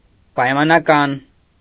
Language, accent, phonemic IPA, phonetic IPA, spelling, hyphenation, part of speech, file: Armenian, Eastern Armenian, /pɑjmɑnɑˈkɑn/, [pɑjmɑnɑkɑ́n], պայմանական, պայ‧մա‧նա‧կան, adjective, Hy-պայմանական.ogg
- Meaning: 1. conditional 2. conventional